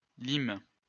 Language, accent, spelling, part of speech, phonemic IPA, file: French, France, limes, noun, /lim/, LL-Q150 (fra)-limes.wav
- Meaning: plural of lime